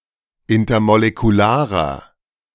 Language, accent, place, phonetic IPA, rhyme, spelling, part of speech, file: German, Germany, Berlin, [ˌɪntɐmolekuˈlaːʁɐ], -aːʁɐ, intermolekularer, adjective, De-intermolekularer.ogg
- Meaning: inflection of intermolekular: 1. strong/mixed nominative masculine singular 2. strong genitive/dative feminine singular 3. strong genitive plural